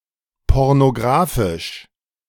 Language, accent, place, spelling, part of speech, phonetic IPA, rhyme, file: German, Germany, Berlin, pornographisch, adjective, [ˌpɔʁnoˈɡʁaːfɪʃ], -aːfɪʃ, De-pornographisch.ogg
- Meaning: pornographic